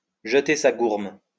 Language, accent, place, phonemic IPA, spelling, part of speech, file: French, France, Lyon, /ʒə.te sa ɡuʁm/, jeter sa gourme, verb, LL-Q150 (fra)-jeter sa gourme.wav
- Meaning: to have one's fling, to have one's youthful indiscretions, to sow one's wild oats (to spend a period of one's youth behaving irresponsibly)